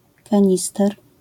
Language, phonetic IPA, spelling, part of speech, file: Polish, [kãˈɲistɛr], kanister, noun, LL-Q809 (pol)-kanister.wav